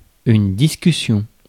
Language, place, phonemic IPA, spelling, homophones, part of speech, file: French, Paris, /dis.ky.sjɔ̃/, discussion, discussions, noun, Fr-discussion.ogg
- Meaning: 1. debate, argument (a civil exchange of contradictory points of view) 2. argument, (verbal) fight, row (a vivid, uncivil exchange of emotional points of view)